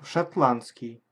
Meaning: Scottish, Scotch
- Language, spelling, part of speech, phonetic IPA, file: Russian, шотландский, adjective, [ʂɐtˈɫan(t)skʲɪj], Ru-шотландский.ogg